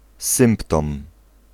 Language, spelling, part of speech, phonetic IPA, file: Polish, symptom, noun, [ˈsɨ̃mptɔ̃m], Pl-symptom.ogg